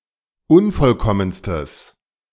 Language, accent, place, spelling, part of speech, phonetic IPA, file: German, Germany, Berlin, unvollkommenstes, adjective, [ˈʊnfɔlˌkɔmənstəs], De-unvollkommenstes.ogg
- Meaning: strong/mixed nominative/accusative neuter singular superlative degree of unvollkommen